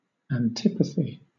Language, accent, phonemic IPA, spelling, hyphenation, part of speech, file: English, Southern England, /ænˈtɪpəθi/, antipathy, an‧ti‧pathy, noun, LL-Q1860 (eng)-antipathy.wav